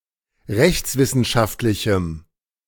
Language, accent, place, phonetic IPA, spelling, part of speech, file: German, Germany, Berlin, [ˈʁɛçt͡sˌvɪsn̩ʃaftlɪçm̩], rechtswissenschaftlichem, adjective, De-rechtswissenschaftlichem.ogg
- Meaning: strong dative masculine/neuter singular of rechtswissenschaftlich